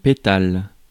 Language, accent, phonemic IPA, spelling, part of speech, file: French, France, /pe.tal/, pétale, noun, Fr-pétale.ogg
- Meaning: petal